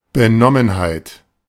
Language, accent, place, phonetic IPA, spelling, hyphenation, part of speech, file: German, Germany, Berlin, [bəˈnɔmənhaɪ̯t], Benommenheit, Be‧nom‧men‧heit, noun, De-Benommenheit.ogg
- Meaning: 1. light-headedness 2. dizziness